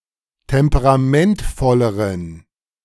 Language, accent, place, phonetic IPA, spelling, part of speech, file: German, Germany, Berlin, [ˌtɛmpəʁaˈmɛntfɔləʁən], temperamentvolleren, adjective, De-temperamentvolleren.ogg
- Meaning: inflection of temperamentvoll: 1. strong genitive masculine/neuter singular comparative degree 2. weak/mixed genitive/dative all-gender singular comparative degree